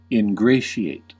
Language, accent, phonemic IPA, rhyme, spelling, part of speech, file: English, US, /ɪnˈɡɹeɪ.ʃi.eɪt/, -eɪʃieɪt, ingratiate, verb, En-us-ingratiate.ogg
- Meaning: 1. To bring oneself into favour with someone by flattering or trying to please them; to insinuate oneself; to worm one's way in 2. To recommend; to render easy or agreeable